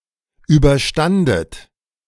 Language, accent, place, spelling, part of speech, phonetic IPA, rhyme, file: German, Germany, Berlin, überstandet, verb, [ˌyːbɐˈʃtandət], -andət, De-überstandet.ogg
- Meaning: second-person plural preterite of überstehen